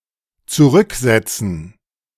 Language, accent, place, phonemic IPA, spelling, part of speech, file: German, Germany, Berlin, /t͡suˈʁʏkˌzɛt͡sn̩/, zurücksetzen, verb, De-zurücksetzen.ogg
- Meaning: 1. to put back 2. to reset 3. to reverse (a vehicle)